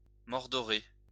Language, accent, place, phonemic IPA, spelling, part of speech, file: French, France, Lyon, /mɔʁ.dɔ.ʁe/, mordoré, adjective, LL-Q150 (fra)-mordoré.wav
- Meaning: golden brown